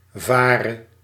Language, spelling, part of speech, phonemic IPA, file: Dutch, vare, verb / adjective, /ˈvarə/, Nl-vare.ogg
- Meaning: singular present subjunctive of varen